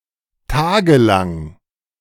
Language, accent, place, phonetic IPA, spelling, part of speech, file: German, Germany, Berlin, [ˈtaːɡəˌlaŋ], tagelang, adjective, De-tagelang.ogg
- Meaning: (adjective) lasting for days; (adverb) for days